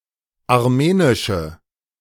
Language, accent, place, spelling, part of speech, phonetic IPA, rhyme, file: German, Germany, Berlin, armenische, adjective, [aʁˈmeːnɪʃə], -eːnɪʃə, De-armenische.ogg
- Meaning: inflection of armenisch: 1. strong/mixed nominative/accusative feminine singular 2. strong nominative/accusative plural 3. weak nominative all-gender singular